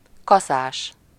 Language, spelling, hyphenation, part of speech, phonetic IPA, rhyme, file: Hungarian, kaszás, ka‧szás, adjective / noun, [ˈkɒsaːʃ], -aːʃ, Hu-kaszás.ogg
- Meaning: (adjective) having a scythe, with a scythe; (noun) 1. reaper 2. Grim Reaper (death)